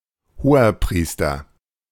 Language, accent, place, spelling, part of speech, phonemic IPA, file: German, Germany, Berlin, Hoherpriester, noun, /hoːɐ̯ˈpʁiːstɐ/, De-Hoherpriester.ogg
- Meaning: inflection of Hohepriester: 1. strong nominative singular 2. strong genitive plural 3. mixed nominative singular